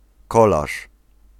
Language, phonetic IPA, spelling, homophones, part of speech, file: Polish, [ˈkɔlaʃ], kolarz, kolaż, noun, Pl-kolarz.ogg